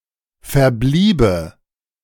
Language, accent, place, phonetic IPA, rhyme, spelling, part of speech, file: German, Germany, Berlin, [fɛɐ̯ˈbliːbə], -iːbə, verbliebe, verb, De-verbliebe.ogg
- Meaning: first/third-person singular subjunctive II of verbleiben